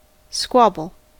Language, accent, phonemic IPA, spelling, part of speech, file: English, General American, /ˈskwɑːbəl/, squabble, noun / verb, En-us-squabble.ogg
- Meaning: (noun) 1. A minor fight or argument 2. A group of seagulls; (verb) To participate in a minor fight or argument; to quarrel